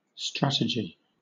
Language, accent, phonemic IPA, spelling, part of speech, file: English, Southern England, /ˈstɹæt.ɪ.d͡ʒɪ/, strategy, noun, LL-Q1860 (eng)-strategy.wav
- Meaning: 1. The science and art of military command as applied to the overall planning and conduct of warfare 2. A plan of action intended to accomplish a specific goal